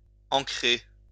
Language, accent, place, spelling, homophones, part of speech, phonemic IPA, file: French, France, Lyon, encrer, ancrer, verb, /ɑ̃.kʁe/, LL-Q150 (fra)-encrer.wav
- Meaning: to ink (to apply ink to)